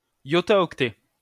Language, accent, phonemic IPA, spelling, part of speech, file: French, France, /jɔ.ta.ɔk.tɛ/, Yo, noun, LL-Q150 (fra)-Yo.wav
- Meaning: abbreviation of yottaoctet